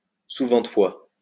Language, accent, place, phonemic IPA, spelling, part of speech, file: French, France, Lyon, /su.vɑ̃.t(ə).fwa/, souventefois, adverb, LL-Q150 (fra)-souventefois.wav
- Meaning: oftentime; often, frequently